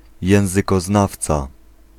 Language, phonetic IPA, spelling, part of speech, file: Polish, [ˌjɛ̃w̃zɨkɔˈznaft͡sa], językoznawca, noun, Pl-językoznawca.ogg